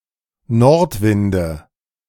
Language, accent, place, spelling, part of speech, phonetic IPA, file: German, Germany, Berlin, Nordwinde, noun, [ˈnɔʁtˌvɪndə], De-Nordwinde.ogg
- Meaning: nominative/accusative/genitive plural of Nordwind